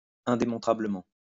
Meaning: unprovably
- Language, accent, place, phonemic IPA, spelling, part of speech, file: French, France, Lyon, /ɛ̃.de.mɔ̃.tʁa.blə.mɑ̃/, indémontrablement, adverb, LL-Q150 (fra)-indémontrablement.wav